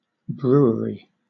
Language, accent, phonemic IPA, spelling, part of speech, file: English, Southern England, /ˈbɹuːəɹi/, brewery, noun, LL-Q1860 (eng)-brewery.wav
- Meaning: 1. A building where beer is produced 2. A company that brews beer